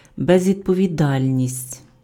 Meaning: irresponsibility
- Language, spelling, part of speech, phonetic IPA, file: Ukrainian, безвідповідальність, noun, [bezʲʋʲidpɔʋʲiˈdalʲnʲisʲtʲ], Uk-безвідповідальність.ogg